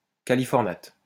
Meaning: californate
- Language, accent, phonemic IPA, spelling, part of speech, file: French, France, /ka.li.fɔʁ.nat/, californate, noun, LL-Q150 (fra)-californate.wav